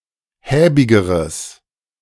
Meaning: strong/mixed nominative/accusative neuter singular comparative degree of häbig
- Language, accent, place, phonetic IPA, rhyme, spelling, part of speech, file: German, Germany, Berlin, [ˈhɛːbɪɡəʁəs], -ɛːbɪɡəʁəs, häbigeres, adjective, De-häbigeres.ogg